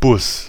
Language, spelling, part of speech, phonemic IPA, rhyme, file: German, Bus, noun, /bʊs/, -ʊs, De-Bus.ogg
- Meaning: 1. bus (public transport) 2. bus (on a computer mainboard)